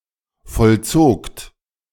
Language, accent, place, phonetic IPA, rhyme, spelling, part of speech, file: German, Germany, Berlin, [fɔlˈt͡soːkt], -oːkt, vollzogt, verb, De-vollzogt.ogg
- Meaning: second-person plural preterite of vollziehen